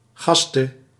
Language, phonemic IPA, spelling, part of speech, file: Dutch, /ˈɣɑstə/, gaste, noun / verb, Nl-gaste.ogg
- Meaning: inflection of gassen: 1. singular past indicative 2. singular past subjunctive